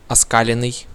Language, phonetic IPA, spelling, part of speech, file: Russian, [ɐˈskalʲɪn(ː)ɨj], оскаленный, verb, Ru-оскаленный.ogg
- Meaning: past passive perfective participle of оска́лить (oskálitʹ)